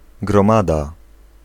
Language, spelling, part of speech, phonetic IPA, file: Polish, gromada, noun, [ɡrɔ̃ˈmada], Pl-gromada.ogg